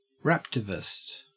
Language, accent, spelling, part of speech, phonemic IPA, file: English, Australia, raptivist, noun, /ˈɹæp.tɪ.vɪst/, En-au-raptivist.ogg
- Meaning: A rapper who is involved in political and/or social activism